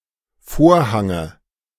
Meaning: dative of Vorhang
- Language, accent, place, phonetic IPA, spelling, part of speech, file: German, Germany, Berlin, [ˈfoːɐ̯ˌhaŋə], Vorhange, noun, De-Vorhange.ogg